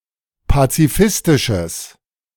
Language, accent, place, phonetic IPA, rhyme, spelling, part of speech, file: German, Germany, Berlin, [pat͡siˈfɪstɪʃəs], -ɪstɪʃəs, pazifistisches, adjective, De-pazifistisches.ogg
- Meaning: strong/mixed nominative/accusative neuter singular of pazifistisch